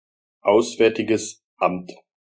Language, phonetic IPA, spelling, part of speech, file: German, [ˈaʊ̯sˌvɛʁtɪɡəs ˈamt], Auswärtiges Amt, proper noun, De-Auswärtiges Amt.ogg
- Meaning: Federal Foreign Office or its predecessors